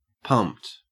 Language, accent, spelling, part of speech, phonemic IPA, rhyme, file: English, Australia, pumped, verb / adjective, /pʌmpt/, -ʌmpt, En-au-pumped.ogg
- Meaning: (verb) simple past and past participle of pump; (adjective) 1. Pumped up; excited 2. Pumped up; having muscles in an engorged state following exercise 3. Wearing pumps (the type of shoe)